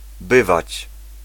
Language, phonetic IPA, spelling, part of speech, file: Polish, [ˈbɨvat͡ɕ], bywać, verb, Pl-bywać.ogg